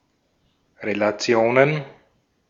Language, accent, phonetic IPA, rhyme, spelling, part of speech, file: German, Austria, [ʁelaˈt͡si̯oːnən], -oːnən, Relationen, noun, De-at-Relationen.ogg
- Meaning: plural of Relation